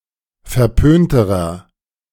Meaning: inflection of verpönt: 1. strong/mixed nominative masculine singular comparative degree 2. strong genitive/dative feminine singular comparative degree 3. strong genitive plural comparative degree
- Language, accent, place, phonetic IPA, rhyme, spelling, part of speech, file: German, Germany, Berlin, [fɛɐ̯ˈpøːntəʁɐ], -øːntəʁɐ, verpönterer, adjective, De-verpönterer.ogg